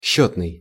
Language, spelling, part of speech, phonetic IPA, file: Russian, счётный, adjective, [ˈɕːɵtnɨj], Ru-счётный.ogg
- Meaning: 1. counting, account, bookkeeping 2. calculating, counting, computing 3. countable